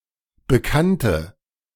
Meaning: inflection of bekannt: 1. strong/mixed nominative/accusative feminine singular 2. strong nominative/accusative plural 3. weak nominative all-gender singular 4. weak accusative feminine/neuter singular
- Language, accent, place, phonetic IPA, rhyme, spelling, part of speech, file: German, Germany, Berlin, [bəˈkantə], -antə, bekannte, adjective / verb, De-bekannte.ogg